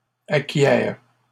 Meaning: third-person plural present indicative/subjunctive of acquérir
- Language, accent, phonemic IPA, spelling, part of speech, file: French, Canada, /a.kjɛʁ/, acquièrent, verb, LL-Q150 (fra)-acquièrent.wav